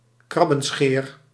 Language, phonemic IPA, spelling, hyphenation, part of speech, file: Dutch, /ˈkrɑ.bə(n)ˌsxeːr/, krabbenscheer, krab‧ben‧scheer, noun, Nl-krabbenscheer.ogg
- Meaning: water soldier (Stratiotes aloides)